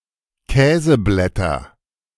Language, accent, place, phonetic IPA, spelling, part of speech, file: German, Germany, Berlin, [ˈkɛːzəˌblɛtɐ], Käseblätter, noun, De-Käseblätter.ogg
- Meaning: nominative/accusative/genitive plural of Käseblatt